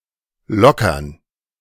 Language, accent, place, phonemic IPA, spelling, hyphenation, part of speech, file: German, Germany, Berlin, /ˈlɔkɐn/, lockern, lo‧ckern, verb, De-lockern.ogg
- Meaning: to loosen, to ease (grip), to relax (standards)